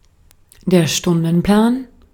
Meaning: timetable, schedule
- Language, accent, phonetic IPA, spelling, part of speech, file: German, Austria, [ˈʃtʊndn̩ˌplaːn], Stundenplan, noun, De-at-Stundenplan.ogg